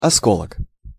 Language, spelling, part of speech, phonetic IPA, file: Russian, осколок, noun, [ɐˈskoɫək], Ru-осколок.ogg
- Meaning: splinter, fragment, sliver, shard